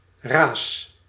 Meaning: inflection of razen: 1. first-person singular present indicative 2. second-person singular present indicative 3. imperative
- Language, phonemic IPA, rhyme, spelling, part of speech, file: Dutch, /raːs/, -aːs, raas, verb, Nl-raas.ogg